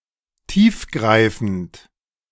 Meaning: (adjective) 1. profound 2. pervasive; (adverb) profoundly
- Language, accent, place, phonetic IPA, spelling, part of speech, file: German, Germany, Berlin, [ˈtiːfˌɡʁaɪ̯fn̩t], tiefgreifend, adjective, De-tiefgreifend.ogg